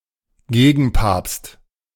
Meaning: antipope
- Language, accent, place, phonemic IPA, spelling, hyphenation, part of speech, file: German, Germany, Berlin, /ˈɡeːɡn̩ˌpaːpst/, Gegenpapst, Ge‧gen‧papst, noun, De-Gegenpapst.ogg